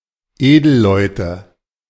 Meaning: nominative/accusative/genitive plural of Edelmann
- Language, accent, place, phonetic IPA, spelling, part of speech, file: German, Germany, Berlin, [ˈeːdl̩ˌlɔɪ̯tə], Edelleute, noun, De-Edelleute.ogg